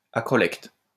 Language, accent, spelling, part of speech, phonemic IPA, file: French, France, acrolecte, noun, /a.kʁɔ.lɛkt/, LL-Q150 (fra)-acrolecte.wav
- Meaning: acrolect